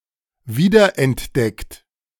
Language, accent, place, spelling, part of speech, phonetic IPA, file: German, Germany, Berlin, wiederentdeckt, verb, [ˈviːdɐʔɛntˌdɛkt], De-wiederentdeckt.ogg
- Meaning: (verb) past participle of wiederentdecken; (adjective) rediscovered